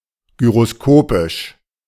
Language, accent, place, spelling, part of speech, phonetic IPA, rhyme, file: German, Germany, Berlin, gyroskopisch, adjective, [ɡyʁoˈskoːpɪʃ], -oːpɪʃ, De-gyroskopisch.ogg
- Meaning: gyroscopic